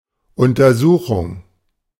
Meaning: examination, investigation
- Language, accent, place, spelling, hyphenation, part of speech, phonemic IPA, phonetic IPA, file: German, Germany, Berlin, Untersuchung, Un‧ter‧su‧chung, noun, /ʊntɐˈzuːxʊŋ/, [ʔʊntɐˈzuːxʊŋ], De-Untersuchung.ogg